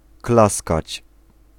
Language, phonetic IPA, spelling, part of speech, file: Polish, [ˈklaskat͡ɕ], klaskać, verb, Pl-klaskać.ogg